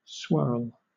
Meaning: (verb) 1. To twist or whirl, as an eddy 2. To be arranged in a twist, spiral or whorl 3. To circulate 4. To mingle interracially; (noun) 1. A whirling eddy 2. A twist or coil of something
- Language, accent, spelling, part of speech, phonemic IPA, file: English, Southern England, swirl, verb / noun, /swɜːl/, LL-Q1860 (eng)-swirl.wav